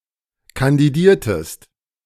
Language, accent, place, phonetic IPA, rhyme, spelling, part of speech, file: German, Germany, Berlin, [kandiˈdiːɐ̯təst], -iːɐ̯təst, kandidiertest, verb, De-kandidiertest.ogg
- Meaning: inflection of kandidieren: 1. second-person singular preterite 2. second-person singular subjunctive II